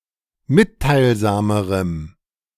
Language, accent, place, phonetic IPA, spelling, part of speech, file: German, Germany, Berlin, [ˈmɪttaɪ̯lˌzaːməʁəm], mitteilsamerem, adjective, De-mitteilsamerem.ogg
- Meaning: strong dative masculine/neuter singular comparative degree of mitteilsam